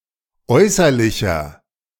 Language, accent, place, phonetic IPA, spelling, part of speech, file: German, Germany, Berlin, [ˈɔɪ̯sɐlɪçɐ], äußerlicher, adjective, De-äußerlicher.ogg
- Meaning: inflection of äußerlich: 1. strong/mixed nominative masculine singular 2. strong genitive/dative feminine singular 3. strong genitive plural